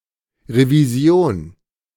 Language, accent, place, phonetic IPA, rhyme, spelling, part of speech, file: German, Germany, Berlin, [ʁeviˈzi̯oːn], -oːn, Revision, noun, De-Revision.ogg
- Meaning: 1. revision, change 2. appeal 3. audit